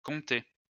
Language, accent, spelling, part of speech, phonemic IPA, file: French, France, comptait, verb, /kɔ̃.tɛ/, LL-Q150 (fra)-comptait.wav
- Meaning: third-person singular imperfect indicative of compter